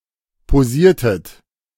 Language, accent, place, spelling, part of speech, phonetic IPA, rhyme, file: German, Germany, Berlin, posiertet, verb, [poˈziːɐ̯tət], -iːɐ̯tət, De-posiertet.ogg
- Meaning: inflection of posieren: 1. second-person plural preterite 2. second-person plural subjunctive II